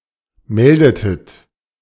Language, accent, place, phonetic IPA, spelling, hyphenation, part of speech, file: German, Germany, Berlin, [ˈmɛldətət], meldetet, mel‧de‧tet, verb, De-meldetet.ogg
- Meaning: inflection of melden: 1. second-person plural preterite 2. second-person plural subjunctive II